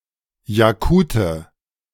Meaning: Yakut (man from Yakutia or of Yakut origin)
- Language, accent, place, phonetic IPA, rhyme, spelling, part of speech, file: German, Germany, Berlin, [jaˈkuːtə], -uːtə, Jakute, noun, De-Jakute.ogg